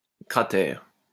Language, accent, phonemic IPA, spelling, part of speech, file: French, France, /kʁa.tɛʁ/, cratère, noun, LL-Q150 (fra)-cratère.wav
- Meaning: 1. crater 2. krater